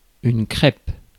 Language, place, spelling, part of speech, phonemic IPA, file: French, Paris, crêpe, noun, /kʁɛp/, Fr-crêpe.ogg
- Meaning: 1. crepe 2. black veil 3. pancake, crêpe